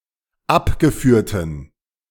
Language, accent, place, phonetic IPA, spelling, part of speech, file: German, Germany, Berlin, [ˈapɡəˌfyːɐ̯tn̩], abgeführten, adjective, De-abgeführten.ogg
- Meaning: inflection of abgeführt: 1. strong genitive masculine/neuter singular 2. weak/mixed genitive/dative all-gender singular 3. strong/weak/mixed accusative masculine singular 4. strong dative plural